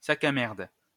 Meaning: scumbag, piece of shit
- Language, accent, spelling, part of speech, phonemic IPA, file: French, France, sac à merde, noun, /sa.k‿a mɛʁd/, LL-Q150 (fra)-sac à merde.wav